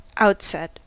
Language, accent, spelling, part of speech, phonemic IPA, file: English, US, outset, noun / verb, /ˈaʊtsɛt/, En-us-outset.ogg
- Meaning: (noun) An onset; the beginning or initial stage of something; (verb) To cause (a design element) to extend around the outside of something else, the opposite of being inset